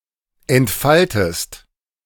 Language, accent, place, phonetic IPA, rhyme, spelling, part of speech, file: German, Germany, Berlin, [ɛntˈfaltəst], -altəst, entfaltest, verb, De-entfaltest.ogg
- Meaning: inflection of entfalten: 1. second-person singular present 2. second-person singular subjunctive I